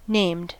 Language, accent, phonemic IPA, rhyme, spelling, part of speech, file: English, US, /neɪmd/, -eɪmd, named, adjective / verb, En-us-named.ogg
- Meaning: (adjective) 1. Having a name 2. An argument that is passed to a subroutine according to its name in the invocation code, rather than on its position; compare with positional